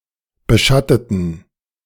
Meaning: inflection of beschatten: 1. first/third-person plural preterite 2. first/third-person plural subjunctive II
- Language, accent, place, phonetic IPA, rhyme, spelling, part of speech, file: German, Germany, Berlin, [bəˈʃatətn̩], -atətn̩, beschatteten, adjective / verb, De-beschatteten.ogg